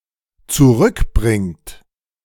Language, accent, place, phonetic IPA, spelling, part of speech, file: German, Germany, Berlin, [t͡suˈʁʏkˌbʁɪŋt], zurückbringt, verb, De-zurückbringt.ogg
- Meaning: inflection of zurückbringen: 1. third-person singular dependent present 2. second-person plural dependent present